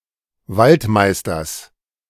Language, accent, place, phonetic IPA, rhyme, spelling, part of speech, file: German, Germany, Berlin, [ˈvaltˌmaɪ̯stɐs], -altmaɪ̯stɐs, Waldmeisters, noun, De-Waldmeisters.ogg
- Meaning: genitive singular of Waldmeister